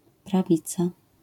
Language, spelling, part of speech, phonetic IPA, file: Polish, prawica, noun, [praˈvʲit͡sa], LL-Q809 (pol)-prawica.wav